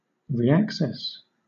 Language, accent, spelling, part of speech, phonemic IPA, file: English, Southern England, reaccess, verb / noun, /ɹiːˈæksɛs/, LL-Q1860 (eng)-reaccess.wav
- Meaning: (verb) To access again; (noun) 1. A second or subsequent access 2. A second or subsequent approach; a return